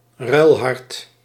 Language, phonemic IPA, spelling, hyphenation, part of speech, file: Dutch, /ˈrœy̯l.ɦɑrt/, ruilhart, ruil‧hart, noun, Nl-ruilhart.ogg
- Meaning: transplanted heart, donor heart